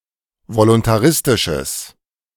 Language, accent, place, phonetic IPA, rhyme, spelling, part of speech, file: German, Germany, Berlin, [volʊntaˈʁɪstɪʃəs], -ɪstɪʃəs, voluntaristisches, adjective, De-voluntaristisches.ogg
- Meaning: strong/mixed nominative/accusative neuter singular of voluntaristisch